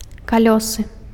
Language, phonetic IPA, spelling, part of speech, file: Belarusian, [kaˈlʲosɨ], калёсы, noun, Be-калёсы.ogg
- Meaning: cart; telega